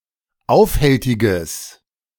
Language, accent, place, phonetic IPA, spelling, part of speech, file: German, Germany, Berlin, [ˈaʊ̯fˌhɛltɪɡəs], aufhältiges, adjective, De-aufhältiges.ogg
- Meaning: strong/mixed nominative/accusative neuter singular of aufhältig